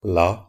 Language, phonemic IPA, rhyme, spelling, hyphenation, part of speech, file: Norwegian Bokmål, /la/, -a, la, la, article, NB - Pronunciation of Norwegian Bokmål «la (fransk)».ogg
- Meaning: the